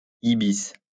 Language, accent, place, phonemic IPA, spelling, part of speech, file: French, France, Lyon, /i.bis/, ibis, noun, LL-Q150 (fra)-ibis.wav
- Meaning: ibis